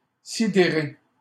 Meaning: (adjective) flabbergasted; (verb) past participle of sidérer
- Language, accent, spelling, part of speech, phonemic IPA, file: French, Canada, sidéré, adjective / verb, /si.de.ʁe/, LL-Q150 (fra)-sidéré.wav